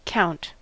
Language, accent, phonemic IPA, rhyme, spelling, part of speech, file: English, General American, /kaʊnt/, -aʊnt, count, verb / noun / adjective, En-us-count.ogg
- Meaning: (verb) 1. To recite numbers in sequence 2. To determine the number of (objects in a group) 3. To amount to, to number in total